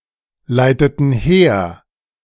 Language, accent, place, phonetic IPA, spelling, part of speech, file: German, Germany, Berlin, [ˌlaɪ̯tətn̩ ˈheːɐ̯], leiteten her, verb, De-leiteten her.ogg
- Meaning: inflection of herleiten: 1. first/third-person plural preterite 2. first/third-person plural subjunctive II